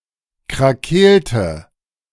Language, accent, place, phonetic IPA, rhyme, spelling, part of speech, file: German, Germany, Berlin, [kʁaˈkeːltə], -eːltə, krakeelte, verb, De-krakeelte.ogg
- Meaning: inflection of krakeelen: 1. first/third-person singular preterite 2. first/third-person singular subjunctive II